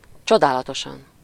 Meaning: wonderfully, (US) marvelously, (UK) marvellously, amazingly, remarkably
- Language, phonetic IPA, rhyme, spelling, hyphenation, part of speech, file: Hungarian, [ˈt͡ʃodaːlɒtoʃɒn], -ɒn, csodálatosan, cso‧dá‧la‧to‧san, adverb, Hu-csodálatosan.ogg